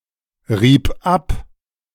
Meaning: first/third-person singular preterite of abreiben
- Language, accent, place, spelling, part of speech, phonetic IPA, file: German, Germany, Berlin, rieb ab, verb, [ˌʁiːp ˈap], De-rieb ab.ogg